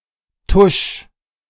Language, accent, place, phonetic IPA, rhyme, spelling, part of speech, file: German, Germany, Berlin, [tʊʃ], -ʊʃ, tusch, verb, De-tusch.ogg
- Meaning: 1. singular imperative of tuschen 2. first-person singular present of tuschen